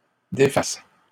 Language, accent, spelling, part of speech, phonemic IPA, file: French, Canada, défassent, verb, /de.fas/, LL-Q150 (fra)-défassent.wav
- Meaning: third-person plural present subjunctive of défaire